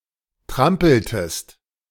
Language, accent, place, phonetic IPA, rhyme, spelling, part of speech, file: German, Germany, Berlin, [ˈtʁampl̩təst], -ampl̩təst, trampeltest, verb, De-trampeltest.ogg
- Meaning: inflection of trampeln: 1. second-person singular preterite 2. second-person singular subjunctive II